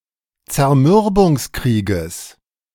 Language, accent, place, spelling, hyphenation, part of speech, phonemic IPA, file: German, Germany, Berlin, Zermürbungskrieges, Zer‧mür‧bungs‧krie‧ges, noun, /t͡sɛɐ̯ˈmʏʁbʊŋsˌkʁiːɡəs/, De-Zermürbungskrieges.ogg
- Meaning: genitive singular of Zermürbungskrieg